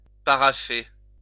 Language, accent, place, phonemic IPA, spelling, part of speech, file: French, France, Lyon, /pa.ʁa.fe/, parafer, verb, LL-Q150 (fra)-parafer.wav
- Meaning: alternative form of parapher